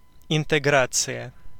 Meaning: 1. integration (act or process of making whole or entire) 2. integration
- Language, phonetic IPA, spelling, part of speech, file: Russian, [ɪntɨˈɡrat͡sɨjə], интеграция, noun, Ru-интеграция.ogg